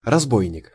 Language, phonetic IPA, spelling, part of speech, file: Russian, [rɐzˈbojnʲɪk], разбойник, noun, Ru-разбойник.ogg
- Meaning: 1. brigand, highwayman, robber 2. rogue, wretch